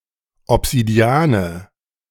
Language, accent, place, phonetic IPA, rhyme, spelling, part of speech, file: German, Germany, Berlin, [ɔpz̥idiˈaːnə], -aːnə, Obsidiane, noun, De-Obsidiane.ogg
- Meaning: nominative/accusative/genitive plural of Obsidian